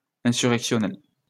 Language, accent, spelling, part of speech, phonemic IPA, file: French, France, insurrectionnel, adjective, /ɛ̃.sy.ʁɛk.sjɔ.nɛl/, LL-Q150 (fra)-insurrectionnel.wav
- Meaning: insurrectional, insurrectionary